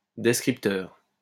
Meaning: descriptor
- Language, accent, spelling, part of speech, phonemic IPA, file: French, France, descripteur, noun, /dɛs.kʁip.tœʁ/, LL-Q150 (fra)-descripteur.wav